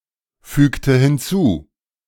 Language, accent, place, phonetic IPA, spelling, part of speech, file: German, Germany, Berlin, [ˌfyːktə hɪnˈt͡suː], fügte hinzu, verb, De-fügte hinzu.ogg
- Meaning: inflection of hinzufügen: 1. first/third-person singular preterite 2. first/third-person singular subjunctive II